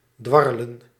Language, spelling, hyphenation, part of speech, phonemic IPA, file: Dutch, dwarrelen, dwar‧re‧len, verb, /ˈdʋɑ.rə.lə(n)/, Nl-dwarrelen.ogg
- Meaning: to whirl, to flutter